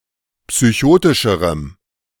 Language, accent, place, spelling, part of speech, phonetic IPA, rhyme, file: German, Germany, Berlin, psychotischerem, adjective, [psyˈçoːtɪʃəʁəm], -oːtɪʃəʁəm, De-psychotischerem.ogg
- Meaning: strong dative masculine/neuter singular comparative degree of psychotisch